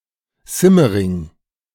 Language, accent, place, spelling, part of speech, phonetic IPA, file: German, Germany, Berlin, Simmering, proper noun, [ˈzɪməˌʁɪŋ], De-Simmering.ogg
- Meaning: Simmering (the 11th district of Vienna, Austria)